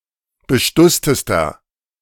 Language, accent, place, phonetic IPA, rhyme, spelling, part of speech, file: German, Germany, Berlin, [bəˈʃtʊstəstɐ], -ʊstəstɐ, bestusstester, adjective, De-bestusstester.ogg
- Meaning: inflection of bestusst: 1. strong/mixed nominative masculine singular superlative degree 2. strong genitive/dative feminine singular superlative degree 3. strong genitive plural superlative degree